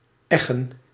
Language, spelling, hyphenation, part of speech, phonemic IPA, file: Dutch, eggen, eg‧gen, verb, /ˈɛɣə(n)/, Nl-eggen.ogg
- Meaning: to harrow